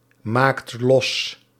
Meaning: inflection of losmaken: 1. second/third-person singular present indicative 2. plural imperative
- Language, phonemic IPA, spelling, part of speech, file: Dutch, /ˈmakt ˈlɔs/, maakt los, verb, Nl-maakt los.ogg